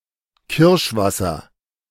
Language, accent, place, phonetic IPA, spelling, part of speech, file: German, Germany, Berlin, [ˈkɪʁʃˌvasɐ], Kirschwasser, noun, De-Kirschwasser.ogg
- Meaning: A distilled spirit made from cherries, usually of the sweet cherry, Prunus avium; kirsch